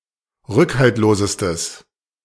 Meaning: strong/mixed nominative/accusative neuter singular superlative degree of rückhaltlos
- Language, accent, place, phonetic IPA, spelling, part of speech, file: German, Germany, Berlin, [ˈʁʏkhaltloːzəstəs], rückhaltlosestes, adjective, De-rückhaltlosestes.ogg